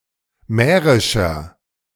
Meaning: 1. comparative degree of mährisch 2. inflection of mährisch: strong/mixed nominative masculine singular 3. inflection of mährisch: strong genitive/dative feminine singular
- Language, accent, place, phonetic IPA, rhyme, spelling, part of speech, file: German, Germany, Berlin, [ˈmɛːʁɪʃɐ], -ɛːʁɪʃɐ, mährischer, adjective, De-mährischer.ogg